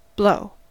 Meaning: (verb) 1. To produce an air current 2. To propel by an air current (or, if under water, a water current), usually with the mouth 3. To be propelled by an air current
- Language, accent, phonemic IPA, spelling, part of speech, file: English, US, /bloʊ/, blow, verb / noun / interjection / adjective, En-us-blow.ogg